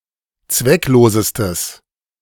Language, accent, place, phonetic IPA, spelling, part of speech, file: German, Germany, Berlin, [ˈt͡svɛkˌloːzəstəs], zwecklosestes, adjective, De-zwecklosestes.ogg
- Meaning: strong/mixed nominative/accusative neuter singular superlative degree of zwecklos